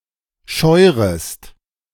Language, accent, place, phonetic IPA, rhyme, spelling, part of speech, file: German, Germany, Berlin, [ˈʃɔɪ̯ʁəst], -ɔɪ̯ʁəst, scheurest, verb, De-scheurest.ogg
- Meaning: second-person singular subjunctive I of scheuern